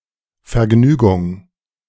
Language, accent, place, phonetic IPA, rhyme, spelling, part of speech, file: German, Germany, Berlin, [fɛɐ̯ˈɡnyːɡʊŋ], -yːɡʊŋ, Vergnügung, noun, De-Vergnügung.ogg
- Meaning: entertainment, pleasure, amusement